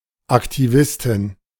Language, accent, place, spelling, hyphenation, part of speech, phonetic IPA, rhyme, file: German, Germany, Berlin, Aktivistin, Ak‧ti‧vis‧tin, noun, [aktiˈvɪstɪn], -ɪstɪn, De-Aktivistin.ogg
- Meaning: activist (female)